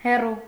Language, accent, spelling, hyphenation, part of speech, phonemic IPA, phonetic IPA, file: Armenian, Eastern Armenian, հեռու, հե‧ռու, adjective / adverb / noun, /heˈru/, [herú], Hy-հեռու.ogg
- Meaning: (adjective) far, distant, remote; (adverb) far; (noun) distance